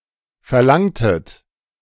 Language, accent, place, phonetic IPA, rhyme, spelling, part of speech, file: German, Germany, Berlin, [fɛɐ̯ˈlaŋtət], -aŋtət, verlangtet, verb, De-verlangtet.ogg
- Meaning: inflection of verlangen: 1. second-person plural preterite 2. second-person plural subjunctive II